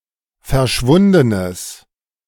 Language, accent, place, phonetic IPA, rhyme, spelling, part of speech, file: German, Germany, Berlin, [fɛɐ̯ˈʃvʊndənəs], -ʊndənəs, verschwundenes, adjective, De-verschwundenes.ogg
- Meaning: strong/mixed nominative/accusative neuter singular of verschwunden